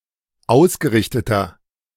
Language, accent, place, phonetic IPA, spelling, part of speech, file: German, Germany, Berlin, [ˈaʊ̯sɡəˌʁɪçtətɐ], ausgerichteter, adjective, De-ausgerichteter.ogg
- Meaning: inflection of ausgerichtet: 1. strong/mixed nominative masculine singular 2. strong genitive/dative feminine singular 3. strong genitive plural